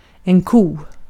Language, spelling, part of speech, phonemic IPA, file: Swedish, ko, noun, /kuː/, Sv-ko.ogg
- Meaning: 1. cow; female cattle 2. a female member of a number of other species, such as moose and reindeer